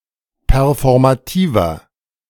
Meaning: inflection of performativ: 1. strong/mixed nominative masculine singular 2. strong genitive/dative feminine singular 3. strong genitive plural
- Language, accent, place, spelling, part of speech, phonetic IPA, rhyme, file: German, Germany, Berlin, performativer, adjective, [pɛʁfɔʁmaˈtiːvɐ], -iːvɐ, De-performativer.ogg